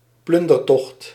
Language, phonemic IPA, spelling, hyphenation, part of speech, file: Dutch, /ˈplʏn.dərˌtɔxt/, plundertocht, plun‧der‧tocht, noun, Nl-plundertocht.ogg
- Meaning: a plundering expedition